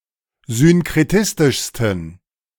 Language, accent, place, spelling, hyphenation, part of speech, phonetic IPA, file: German, Germany, Berlin, synkretistischsten, syn‧kre‧tis‧tisch‧sten, adjective, [synkʁɛtɪstɪʃstɛn], De-synkretistischsten.ogg
- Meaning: 1. superlative degree of synkretistisch 2. inflection of synkretistisch: strong genitive masculine/neuter singular superlative degree